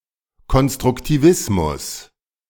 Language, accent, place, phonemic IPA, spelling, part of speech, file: German, Germany, Berlin, /ˌkɔnstʁʊktiˈvɪsmʊs/, Konstruktivismus, noun, De-Konstruktivismus.ogg
- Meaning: constructivism